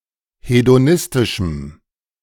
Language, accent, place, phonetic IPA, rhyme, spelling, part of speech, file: German, Germany, Berlin, [hedoˈnɪstɪʃm̩], -ɪstɪʃm̩, hedonistischem, adjective, De-hedonistischem.ogg
- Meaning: strong dative masculine/neuter singular of hedonistisch